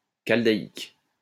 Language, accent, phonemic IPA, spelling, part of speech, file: French, France, /kal.da.ik/, chaldaïque, adjective, LL-Q150 (fra)-chaldaïque.wav
- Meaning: Chaldaic